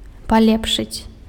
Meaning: to improve, to make something better
- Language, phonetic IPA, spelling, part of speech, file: Belarusian, [paˈlʲepʂɨt͡sʲ], палепшыць, verb, Be-палепшыць.ogg